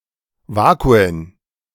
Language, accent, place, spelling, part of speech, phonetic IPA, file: German, Germany, Berlin, Vakuen, noun, [ˈvaːkuən], De-Vakuen.ogg
- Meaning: plural of Vakuum